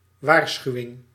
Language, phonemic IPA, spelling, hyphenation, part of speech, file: Dutch, /ˈʋaːrˌsxyu̯.ɪŋ/, waarschuwing, waar‧schu‧wing, noun, Nl-waarschuwing.ogg
- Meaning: warning